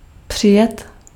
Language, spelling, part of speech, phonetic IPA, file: Czech, přijet, verb, [ˈpr̝̊ɪjɛt], Cs-přijet.ogg
- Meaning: to come (by vehicle)